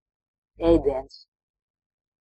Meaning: food prepared for consumption; meal; dish
- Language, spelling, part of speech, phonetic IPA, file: Latvian, ēdiens, noun, [êːdiens], Lv-ēdiens.ogg